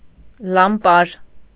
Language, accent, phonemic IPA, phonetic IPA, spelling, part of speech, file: Armenian, Eastern Armenian, /lɑmˈpɑɾ/, [lɑmpɑ́ɾ], լամպար, noun, Hy-լամպար.ogg
- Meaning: lamp, torch